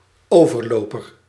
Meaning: traitor, defector
- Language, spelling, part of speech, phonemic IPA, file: Dutch, overloper, noun, /ˈovərˌlopər/, Nl-overloper.ogg